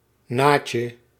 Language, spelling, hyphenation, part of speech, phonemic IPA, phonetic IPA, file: Dutch, naatje, naat‧je, noun, /ˈnaːt.jə/, [ˈnaː.cə], Nl-naatje.ogg
- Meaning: something that is of poor quality or that is unpleasant; something that sucks